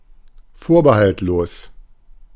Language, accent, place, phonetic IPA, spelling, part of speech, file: German, Germany, Berlin, [ˈfoːɐ̯bəhaltˌloːs], vorbehaltlos, adjective, De-vorbehaltlos.ogg
- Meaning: outright, unconditional, unrestricted